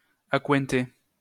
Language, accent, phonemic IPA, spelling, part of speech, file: French, France, /a.kwɛ̃.te/, accointer, verb, LL-Q150 (fra)-accointer.wav
- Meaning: to get to know, acquaint oneself with